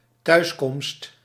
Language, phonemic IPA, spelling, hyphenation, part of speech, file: Dutch, /ˈtœy̯s.kɔmst/, thuiskomst, thuis‧komst, noun, Nl-thuiskomst.ogg
- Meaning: homecoming (arrival home)